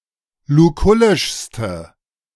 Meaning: inflection of lukullisch: 1. strong/mixed nominative/accusative feminine singular superlative degree 2. strong nominative/accusative plural superlative degree
- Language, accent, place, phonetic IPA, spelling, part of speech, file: German, Germany, Berlin, [luˈkʊlɪʃstə], lukullischste, adjective, De-lukullischste.ogg